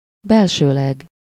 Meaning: 1. internally 2. for internal use
- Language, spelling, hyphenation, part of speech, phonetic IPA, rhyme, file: Hungarian, belsőleg, bel‧ső‧leg, adverb, [ˈbɛlʃøːlɛɡ], -ɛɡ, Hu-belsőleg.ogg